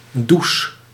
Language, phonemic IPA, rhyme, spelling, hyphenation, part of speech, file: Dutch, /dus/, -us, does, does, adjective / noun, Nl-does.ogg
- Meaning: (adjective) sleepy, dozy, not fully awake or to one's senses; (noun) pronunciation spelling of douche